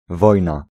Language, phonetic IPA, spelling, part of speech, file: Polish, [ˈvɔjna], wojna, noun, Pl-wojna.ogg